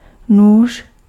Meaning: 1. knife (tool) 2. knife (weapon)
- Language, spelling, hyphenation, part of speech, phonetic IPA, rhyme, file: Czech, nůž, nůž, noun, [ˈnuːʃ], -uːʃ, Cs-nůž.ogg